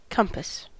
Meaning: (noun) A magnetic or electronic device used to determine the cardinal directions (usually magnetic or true north)
- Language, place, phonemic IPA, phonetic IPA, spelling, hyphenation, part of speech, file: English, California, /ˈkʌm.pəs/, [ˈkɐm.pəs], compass, com‧pass, noun / verb / adverb, En-us-compass.ogg